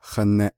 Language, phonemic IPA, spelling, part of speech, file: Navajo, /hɑ̀nɛ̀ʔ/, haneʼ, noun, Nv-haneʼ.ogg
- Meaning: story, news, tale